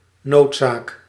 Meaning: necessity, need
- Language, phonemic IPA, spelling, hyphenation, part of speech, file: Dutch, /ˈnoːt.saːk/, noodzaak, nood‧zaak, noun, Nl-noodzaak.ogg